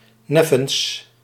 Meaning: obsolete form of nevens
- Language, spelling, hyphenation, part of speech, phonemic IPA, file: Dutch, neffens, nef‧fens, preposition, /ˈnɛ.fəns/, Nl-neffens.ogg